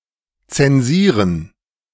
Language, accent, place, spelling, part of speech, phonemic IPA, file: German, Germany, Berlin, zensieren, verb, /ˌt͡sɛnˈziːʁən/, De-zensieren.ogg
- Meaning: 1. to censor 2. to mark, to grade